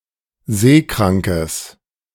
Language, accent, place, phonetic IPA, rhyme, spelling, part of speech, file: German, Germany, Berlin, [ˈzeːˌkʁaŋkəs], -eːkʁaŋkəs, seekrankes, adjective, De-seekrankes.ogg
- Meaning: strong/mixed nominative/accusative neuter singular of seekrank